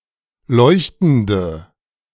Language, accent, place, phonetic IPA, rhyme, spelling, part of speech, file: German, Germany, Berlin, [ˈlɔɪ̯çtn̩də], -ɔɪ̯çtn̩də, leuchtende, adjective, De-leuchtende.ogg
- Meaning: inflection of leuchtend: 1. strong/mixed nominative/accusative feminine singular 2. strong nominative/accusative plural 3. weak nominative all-gender singular